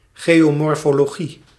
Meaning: geomorphology
- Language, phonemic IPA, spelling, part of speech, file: Dutch, /ˌɣeː.oː.mɔr.foː.loːˈɣi/, geomorfologie, noun, Nl-geomorfologie.ogg